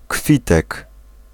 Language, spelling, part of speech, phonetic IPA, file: Polish, kwitek, noun, [ˈkfʲitɛk], Pl-kwitek.ogg